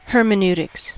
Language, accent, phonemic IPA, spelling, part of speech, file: English, US, /ˌhɜːrməˌn(j)uːtɪks/, hermeneutics, noun, En-us-hermeneutics.ogg